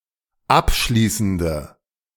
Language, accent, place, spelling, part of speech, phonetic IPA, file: German, Germany, Berlin, abschließende, adjective, [ˈapˌʃliːsn̩də], De-abschließende.ogg
- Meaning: inflection of abschließend: 1. strong/mixed nominative/accusative feminine singular 2. strong nominative/accusative plural 3. weak nominative all-gender singular